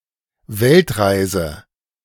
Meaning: 1. world trip, round-the-world trip (prolonged voyage or vacation in various parts of the world) 2. a long distance, a lengthy way
- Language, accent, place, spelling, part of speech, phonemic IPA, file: German, Germany, Berlin, Weltreise, noun, /ˈvɛltˌʁaɪ̯zə/, De-Weltreise.ogg